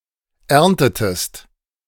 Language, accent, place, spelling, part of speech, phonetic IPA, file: German, Germany, Berlin, erntetest, verb, [ˈɛʁntətəst], De-erntetest.ogg
- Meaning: inflection of ernten: 1. second-person singular preterite 2. second-person singular subjunctive II